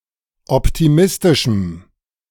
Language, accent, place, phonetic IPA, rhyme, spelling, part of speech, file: German, Germany, Berlin, [ˌɔptiˈmɪstɪʃm̩], -ɪstɪʃm̩, optimistischem, adjective, De-optimistischem.ogg
- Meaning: strong dative masculine/neuter singular of optimistisch